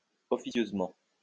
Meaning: unofficially
- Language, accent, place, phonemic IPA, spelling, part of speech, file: French, France, Lyon, /ɔ.fi.sjøz.mɑ̃/, officieusement, adverb, LL-Q150 (fra)-officieusement.wav